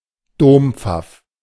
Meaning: bullfinch (Pyrrhula pyrrhula)
- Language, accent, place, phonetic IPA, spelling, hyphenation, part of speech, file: German, Germany, Berlin, [ˈdoːmp͡faf], Dompfaff, Dom‧pfaff, noun, De-Dompfaff.ogg